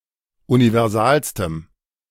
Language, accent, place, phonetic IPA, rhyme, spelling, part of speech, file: German, Germany, Berlin, [univɛʁˈzaːlstəm], -aːlstəm, universalstem, adjective, De-universalstem.ogg
- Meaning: strong dative masculine/neuter singular superlative degree of universal